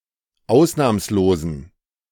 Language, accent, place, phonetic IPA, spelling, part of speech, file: German, Germany, Berlin, [ˈaʊ̯snaːmsloːzn̩], ausnahmslosen, adjective, De-ausnahmslosen.ogg
- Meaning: inflection of ausnahmslos: 1. strong genitive masculine/neuter singular 2. weak/mixed genitive/dative all-gender singular 3. strong/weak/mixed accusative masculine singular 4. strong dative plural